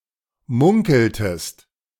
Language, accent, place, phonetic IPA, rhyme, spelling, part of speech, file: German, Germany, Berlin, [ˈmʊŋkl̩təst], -ʊŋkl̩təst, munkeltest, verb, De-munkeltest.ogg
- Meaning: inflection of munkeln: 1. second-person singular preterite 2. second-person singular subjunctive II